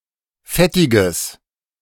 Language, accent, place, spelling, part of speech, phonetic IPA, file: German, Germany, Berlin, fettiges, adjective, [ˈfɛtɪɡəs], De-fettiges.ogg
- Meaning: strong/mixed nominative/accusative neuter singular of fettig